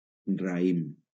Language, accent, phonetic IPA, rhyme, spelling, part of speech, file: Catalan, Valencia, [raˈim], -im, raïm, noun, LL-Q7026 (cat)-raïm.wav
- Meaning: 1. a bunch or cluster of fruit of a common infructescence, especially of grapes 2. a raceme 3. any bunch or group 4. grape